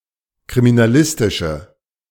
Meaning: inflection of kriminalistisch: 1. strong/mixed nominative/accusative feminine singular 2. strong nominative/accusative plural 3. weak nominative all-gender singular
- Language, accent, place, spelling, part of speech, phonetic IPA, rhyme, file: German, Germany, Berlin, kriminalistische, adjective, [kʁiminaˈlɪstɪʃə], -ɪstɪʃə, De-kriminalistische.ogg